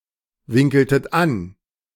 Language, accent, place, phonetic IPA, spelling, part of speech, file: German, Germany, Berlin, [ˌvɪŋkl̩tət ˈan], winkeltet an, verb, De-winkeltet an.ogg
- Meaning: inflection of anwinkeln: 1. second-person plural preterite 2. second-person plural subjunctive II